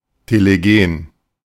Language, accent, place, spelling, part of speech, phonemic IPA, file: German, Germany, Berlin, telegen, adjective, /teleˈɡeːn/, De-telegen.ogg
- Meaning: telegenic (having an appearance and exhibiting qualities attractive to television viewers)